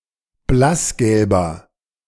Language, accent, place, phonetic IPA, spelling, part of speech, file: German, Germany, Berlin, [ˈblasˌɡɛlbɐ], blassgelber, adjective, De-blassgelber.ogg
- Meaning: inflection of blassgelb: 1. strong/mixed nominative masculine singular 2. strong genitive/dative feminine singular 3. strong genitive plural